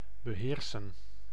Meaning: 1. to control, to master 2. to have mastery over, to know (how to)
- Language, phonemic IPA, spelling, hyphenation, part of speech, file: Dutch, /bəˈɦeːrsə(n)/, beheersen, be‧heer‧sen, verb, Nl-beheersen.ogg